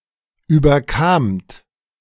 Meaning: second-person plural preterite of überkommen
- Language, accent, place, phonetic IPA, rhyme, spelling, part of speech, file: German, Germany, Berlin, [ˌyːbɐˈkaːmt], -aːmt, überkamt, verb, De-überkamt.ogg